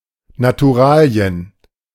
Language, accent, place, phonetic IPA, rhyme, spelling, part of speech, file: German, Germany, Berlin, [natuˈʁaːli̯ən], -aːli̯ən, Naturalien, noun, De-Naturalien.ogg
- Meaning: 1. natural produce 2. payment in kind